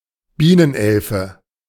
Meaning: bee hummingbird
- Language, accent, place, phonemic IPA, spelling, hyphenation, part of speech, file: German, Germany, Berlin, /ˈbiːnənˌʔɛlfə/, Bienenelfe, Bie‧nen‧el‧fe, noun, De-Bienenelfe.ogg